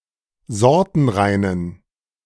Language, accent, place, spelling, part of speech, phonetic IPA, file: German, Germany, Berlin, sortenreinen, adjective, [ˈzɔʁtn̩ˌʁaɪ̯nən], De-sortenreinen.ogg
- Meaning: inflection of sortenrein: 1. strong genitive masculine/neuter singular 2. weak/mixed genitive/dative all-gender singular 3. strong/weak/mixed accusative masculine singular 4. strong dative plural